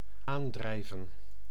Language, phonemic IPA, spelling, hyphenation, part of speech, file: Dutch, /ˈaːnˌdrɛi̯və(n)/, aandrijven, aan‧drij‧ven, verb, Nl-aandrijven.ogg
- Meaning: 1. to drive, to power, to supply a driving force to 2. to float near, to approach or arrive floating